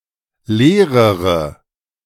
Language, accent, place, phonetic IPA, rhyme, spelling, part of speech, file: German, Germany, Berlin, [ˈleːʁəʁə], -eːʁəʁə, leerere, adjective, De-leerere.ogg
- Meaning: inflection of leer: 1. strong/mixed nominative/accusative feminine singular comparative degree 2. strong nominative/accusative plural comparative degree